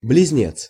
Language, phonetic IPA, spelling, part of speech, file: Russian, [blʲɪzʲˈnʲet͡s], близнец, noun, Ru-близнец.ogg
- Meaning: 1. twin (male or female) 2. one born under the zodiac sign of Gemini (Близнецы), from May 21 to June 21